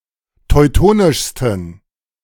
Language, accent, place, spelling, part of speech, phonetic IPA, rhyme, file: German, Germany, Berlin, teutonischsten, adjective, [tɔɪ̯ˈtoːnɪʃstn̩], -oːnɪʃstn̩, De-teutonischsten.ogg
- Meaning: 1. superlative degree of teutonisch 2. inflection of teutonisch: strong genitive masculine/neuter singular superlative degree